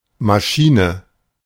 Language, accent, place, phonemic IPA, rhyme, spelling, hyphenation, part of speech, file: German, Germany, Berlin, /maˈʃiːnə/, -iːnə, Maschine, Ma‧schi‧ne, noun, De-Maschine.ogg
- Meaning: 1. machine 2. engine 3. airplane 4. motorcycle